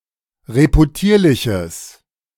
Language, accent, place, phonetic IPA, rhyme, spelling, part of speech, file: German, Germany, Berlin, [ʁepuˈtiːɐ̯lɪçəs], -iːɐ̯lɪçəs, reputierliches, adjective, De-reputierliches.ogg
- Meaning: strong/mixed nominative/accusative neuter singular of reputierlich